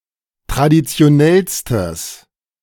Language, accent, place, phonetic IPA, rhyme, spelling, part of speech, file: German, Germany, Berlin, [tʁadit͡si̯oˈnɛlstəs], -ɛlstəs, traditionellstes, adjective, De-traditionellstes.ogg
- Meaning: strong/mixed nominative/accusative neuter singular superlative degree of traditionell